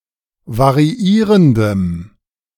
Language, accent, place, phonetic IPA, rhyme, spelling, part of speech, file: German, Germany, Berlin, [vaʁiˈiːʁəndəm], -iːʁəndəm, variierendem, adjective, De-variierendem.ogg
- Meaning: strong dative masculine/neuter singular of variierend